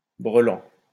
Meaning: gleek
- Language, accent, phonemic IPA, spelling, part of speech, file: French, France, /bʁə.lɑ̃/, brelan, noun, LL-Q150 (fra)-brelan.wav